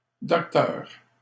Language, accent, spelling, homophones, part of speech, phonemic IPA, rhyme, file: French, Canada, docteure, docteur / docteures / docteurs, noun, /dɔk.tœʁ/, -œʁ, LL-Q150 (fra)-docteure.wav
- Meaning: 1. feminine singular of docteur (“doctor (physician, veterinarian, etc.)”) 2. feminine singular of docteur (“doctor (doctorate holder)”)